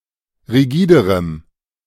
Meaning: strong dative masculine/neuter singular comparative degree of rigide
- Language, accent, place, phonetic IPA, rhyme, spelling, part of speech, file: German, Germany, Berlin, [ʁiˈɡiːdəʁəm], -iːdəʁəm, rigiderem, adjective, De-rigiderem.ogg